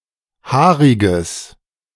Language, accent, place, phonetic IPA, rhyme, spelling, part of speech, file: German, Germany, Berlin, [ˈhaːʁɪɡəs], -aːʁɪɡəs, haariges, adjective, De-haariges.ogg
- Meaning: strong/mixed nominative/accusative neuter singular of haarig